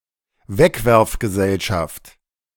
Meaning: throw-away society
- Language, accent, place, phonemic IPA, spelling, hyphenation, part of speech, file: German, Germany, Berlin, /ˈvɛkvɛʁfɡəˌzɛlʃaft/, Wegwerfgesellschaft, Weg‧werf‧ge‧sell‧schaft, noun, De-Wegwerfgesellschaft.ogg